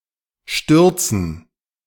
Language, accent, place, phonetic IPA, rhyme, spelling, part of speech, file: German, Germany, Berlin, [ˈʃtʏʁt͡sn̩], -ʏʁt͡sn̩, Stürzen, noun, De-Stürzen.ogg
- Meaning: dative plural of Sturz